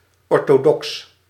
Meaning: orthodox: 1. conforming to conventional norms in opinion or practice 2. staying close to established customs, not particularly innovative
- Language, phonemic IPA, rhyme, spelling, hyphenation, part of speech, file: Dutch, /ˌɔr.toːˈdɔks/, -ɔks, orthodox, or‧tho‧dox, adjective, Nl-orthodox.ogg